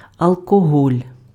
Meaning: alcohol
- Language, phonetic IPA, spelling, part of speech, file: Ukrainian, [ɐɫkɔˈɦɔlʲ], алкоголь, noun, Uk-алкоголь.ogg